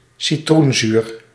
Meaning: citric acid
- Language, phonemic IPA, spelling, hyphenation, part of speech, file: Dutch, /siˈtrunˌzyːr/, citroenzuur, ci‧troen‧zuur, noun, Nl-citroenzuur.ogg